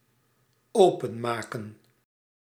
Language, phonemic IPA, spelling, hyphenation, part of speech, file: Dutch, /ˈoː.pə(n)ˌmaː.kə(n)/, openmaken, open‧ma‧ken, verb, Nl-openmaken.ogg
- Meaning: to open